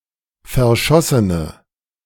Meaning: inflection of verschossen: 1. strong/mixed nominative/accusative feminine singular 2. strong nominative/accusative plural 3. weak nominative all-gender singular
- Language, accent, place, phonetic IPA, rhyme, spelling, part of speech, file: German, Germany, Berlin, [fɛɐ̯ˈʃɔsənə], -ɔsənə, verschossene, adjective, De-verschossene.ogg